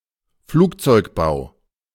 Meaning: aircraft manufacture
- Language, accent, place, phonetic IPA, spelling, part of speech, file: German, Germany, Berlin, [ˈfluːkt͡sɔɪ̯kˌbaʊ̯], Flugzeugbau, noun, De-Flugzeugbau.ogg